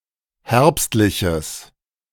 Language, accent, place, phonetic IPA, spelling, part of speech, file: German, Germany, Berlin, [ˈhɛʁpstlɪçəs], herbstliches, adjective, De-herbstliches.ogg
- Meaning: strong/mixed nominative/accusative neuter singular of herbstlich